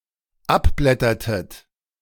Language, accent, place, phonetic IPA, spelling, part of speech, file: German, Germany, Berlin, [ˈapˌblɛtɐtət], abblättertet, verb, De-abblättertet.ogg
- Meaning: inflection of abblättern: 1. second-person plural dependent preterite 2. second-person plural dependent subjunctive II